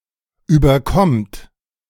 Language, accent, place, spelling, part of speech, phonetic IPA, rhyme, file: German, Germany, Berlin, überkommt, verb, [ˌyːbɐˈkɔmt], -ɔmt, De-überkommt.ogg
- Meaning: inflection of überkommen: 1. third-person singular present 2. second-person plural present 3. plural imperative